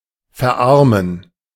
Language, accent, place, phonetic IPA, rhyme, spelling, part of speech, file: German, Germany, Berlin, [fɛɐ̯ˈʔaʁmən], -aʁmən, verarmen, verb, De-verarmen.ogg
- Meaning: to impoverish, to pauperize (to become poor)